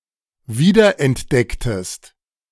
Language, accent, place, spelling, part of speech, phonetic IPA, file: German, Germany, Berlin, wiederentdecktest, verb, [ˈviːdɐʔɛntˌdɛktəst], De-wiederentdecktest.ogg
- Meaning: inflection of wiederentdecken: 1. second-person singular preterite 2. second-person singular subjunctive II